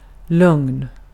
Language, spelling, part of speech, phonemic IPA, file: Swedish, lugn, adjective / noun, /lɵŋn/, Sv-lugn.ogg
- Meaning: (adjective) 1. calm, tranquil (of a person, weather, mood, situation, etc.) 2. no worries; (noun) calm, calmness